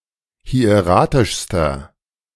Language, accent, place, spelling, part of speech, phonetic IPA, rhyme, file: German, Germany, Berlin, hieratischster, adjective, [hi̯eˈʁaːtɪʃstɐ], -aːtɪʃstɐ, De-hieratischster.ogg
- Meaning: inflection of hieratisch: 1. strong/mixed nominative masculine singular superlative degree 2. strong genitive/dative feminine singular superlative degree 3. strong genitive plural superlative degree